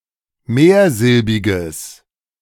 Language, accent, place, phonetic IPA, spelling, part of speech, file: German, Germany, Berlin, [ˈmeːɐ̯ˌzɪlbɪɡəs], mehrsilbiges, adjective, De-mehrsilbiges.ogg
- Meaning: strong/mixed nominative/accusative neuter singular of mehrsilbig